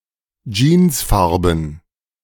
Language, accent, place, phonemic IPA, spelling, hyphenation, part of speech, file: German, Germany, Berlin, /ˈd͡ʒiːnsˌfaʁbən/, jeansfarben, jeans‧far‧ben, adjective, De-jeansfarben.ogg
- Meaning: having the colour of blue jeans